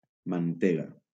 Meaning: butter
- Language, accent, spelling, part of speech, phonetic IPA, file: Catalan, Valencia, mantega, noun, [manˈte.ɣa], LL-Q7026 (cat)-mantega.wav